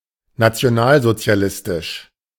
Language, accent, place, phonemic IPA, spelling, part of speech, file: German, Germany, Berlin, /nat͡si̯oˈnaːlzot͡si̯aˌlɪstɪʃ/, nationalsozialistisch, adjective, De-nationalsozialistisch.ogg
- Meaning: national socialist, National Socialist